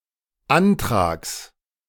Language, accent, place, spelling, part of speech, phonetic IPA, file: German, Germany, Berlin, Antrags, noun, [ˈantʁaːks], De-Antrags.ogg
- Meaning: genitive singular of Antrag